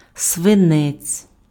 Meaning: lead (the metal, the chemical element)
- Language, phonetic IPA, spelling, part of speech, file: Ukrainian, [sʋeˈnɛt͡sʲ], свинець, noun, Uk-свинець.ogg